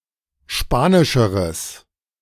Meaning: strong/mixed nominative/accusative neuter singular comparative degree of spanisch
- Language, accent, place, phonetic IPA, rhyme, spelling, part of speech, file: German, Germany, Berlin, [ˈʃpaːnɪʃəʁəs], -aːnɪʃəʁəs, spanischeres, adjective, De-spanischeres.ogg